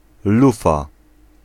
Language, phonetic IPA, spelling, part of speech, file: Polish, [ˈlufa], lufa, noun, Pl-lufa.ogg